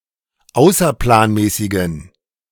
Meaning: inflection of außerplanmäßig: 1. strong genitive masculine/neuter singular 2. weak/mixed genitive/dative all-gender singular 3. strong/weak/mixed accusative masculine singular 4. strong dative plural
- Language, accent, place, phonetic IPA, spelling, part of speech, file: German, Germany, Berlin, [ˈaʊ̯sɐplaːnˌmɛːsɪɡn̩], außerplanmäßigen, adjective, De-außerplanmäßigen.ogg